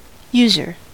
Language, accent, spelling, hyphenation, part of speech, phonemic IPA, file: English, US, user, us‧er, noun, /ˈjuzɚ/, En-us-user.ogg
- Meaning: 1. One who uses or makes use of something, a consumer or client or an express or implied licensee (free user) or a trespasser 2. A person who uses drugs, especially illegal drugs